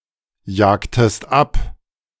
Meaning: inflection of abjagen: 1. second-person singular preterite 2. second-person singular subjunctive II
- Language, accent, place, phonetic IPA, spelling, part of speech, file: German, Germany, Berlin, [ˌjaːktəst ˈap], jagtest ab, verb, De-jagtest ab.ogg